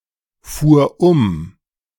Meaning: first/third-person singular preterite of umfahren
- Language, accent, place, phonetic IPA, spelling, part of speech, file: German, Germany, Berlin, [ˌfuːɐ̯ ˈʊm], fuhr um, verb, De-fuhr um.ogg